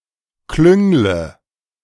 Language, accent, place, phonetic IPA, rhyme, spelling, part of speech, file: German, Germany, Berlin, [ˈklʏŋlə], -ʏŋlə, klüngle, verb, De-klüngle.ogg
- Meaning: inflection of klüngeln: 1. first-person singular present 2. first/third-person singular subjunctive I 3. singular imperative